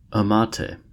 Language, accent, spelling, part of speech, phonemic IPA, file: English, US, amate, noun, /əˈmɑteɪ/, En-us-amate.ogg
- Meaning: 1. Paper produced from the bark of adult Ficus trees 2. An art form based on Mexican bark painting from the Otomi culture